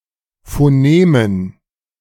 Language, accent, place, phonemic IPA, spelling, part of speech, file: German, Germany, Berlin, /foˈneːmən/, Phonemen, noun, De-Phonemen.ogg
- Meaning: dative plural of Phonem